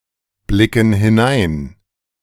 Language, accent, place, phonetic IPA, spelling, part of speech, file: German, Germany, Berlin, [ˌblɪkn̩ hɪˈnaɪ̯n], blicken hinein, verb, De-blicken hinein.ogg
- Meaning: inflection of hineinblicken: 1. first/third-person plural present 2. first/third-person plural subjunctive I